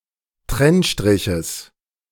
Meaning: genitive singular of Trennstrich
- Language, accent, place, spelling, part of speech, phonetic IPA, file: German, Germany, Berlin, Trennstriches, noun, [ˈtʁɛnˌʃtʁɪçəs], De-Trennstriches.ogg